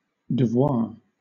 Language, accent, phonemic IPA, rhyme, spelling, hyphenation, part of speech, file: English, Southern England, /dəˈvwɑː/, -ɑː, devoir, de‧voir, noun, LL-Q1860 (eng)-devoir.wav
- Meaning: Duty, business; something that one must do